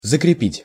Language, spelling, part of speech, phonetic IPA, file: Russian, закрепить, verb, [zəkrʲɪˈpʲitʲ], Ru-закрепить.ogg
- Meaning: 1. to fasten, to secure, to fix, to attach, to mount, to anchor 2. to consolidate, to strengthen 3. to allot